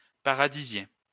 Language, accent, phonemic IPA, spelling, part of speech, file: French, France, /pa.ʁa.di.zje/, paradisier, noun, LL-Q150 (fra)-paradisier.wav
- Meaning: bird of paradise